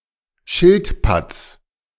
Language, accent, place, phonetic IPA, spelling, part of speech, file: German, Germany, Berlin, [ˈʃɪltˌpat͡s], Schildpatts, noun, De-Schildpatts.ogg
- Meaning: genitive singular of Schildpatt